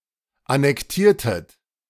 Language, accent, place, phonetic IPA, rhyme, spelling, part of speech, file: German, Germany, Berlin, [anɛkˈtiːɐ̯tət], -iːɐ̯tət, annektiertet, verb, De-annektiertet.ogg
- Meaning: inflection of annektieren: 1. second-person plural preterite 2. second-person plural subjunctive II